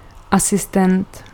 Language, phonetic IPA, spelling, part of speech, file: Czech, [ˈasɪstɛnt], asistent, noun, Cs-asistent.ogg
- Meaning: 1. assistant (person who assists or helps someone else) 2. wizard (program or script used to simplify complex operations)